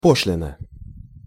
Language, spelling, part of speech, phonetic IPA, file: Russian, пошлина, noun, [ˈpoʂlʲɪnə], Ru-пошлина.ogg
- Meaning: duty (tax; tariff)